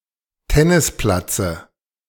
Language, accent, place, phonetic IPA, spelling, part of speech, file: German, Germany, Berlin, [ˈtɛnɪsˌplat͡sə], Tennisplatze, noun, De-Tennisplatze.ogg
- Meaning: dative of Tennisplatz